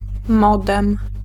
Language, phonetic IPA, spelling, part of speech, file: Polish, [ˈmɔdɛ̃m], modem, noun, Pl-modem.ogg